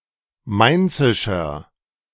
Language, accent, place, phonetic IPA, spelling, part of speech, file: German, Germany, Berlin, [ˈmaɪ̯nt͡sɪʃɐ], mainzischer, adjective, De-mainzischer.ogg
- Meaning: inflection of mainzisch: 1. strong/mixed nominative masculine singular 2. strong genitive/dative feminine singular 3. strong genitive plural